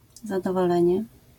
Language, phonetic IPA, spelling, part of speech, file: Polish, [ˌzadɔvɔˈlɛ̃ɲɛ], zadowolenie, noun, LL-Q809 (pol)-zadowolenie.wav